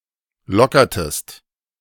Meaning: inflection of lockern: 1. second-person singular preterite 2. second-person singular subjunctive II
- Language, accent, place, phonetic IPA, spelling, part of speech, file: German, Germany, Berlin, [ˈlɔkɐtəst], lockertest, verb, De-lockertest.ogg